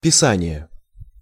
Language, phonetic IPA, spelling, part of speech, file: Russian, [pʲɪˈsanʲɪje], писание, noun, Ru-писание.ogg
- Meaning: writing, script, scripture